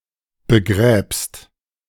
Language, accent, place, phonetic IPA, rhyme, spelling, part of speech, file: German, Germany, Berlin, [bəˈɡʁɛːpst], -ɛːpst, begräbst, verb, De-begräbst.ogg
- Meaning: second-person singular present of begraben